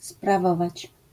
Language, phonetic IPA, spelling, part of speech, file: Polish, [spraˈvɔvat͡ɕ], sprawować, verb, LL-Q809 (pol)-sprawować.wav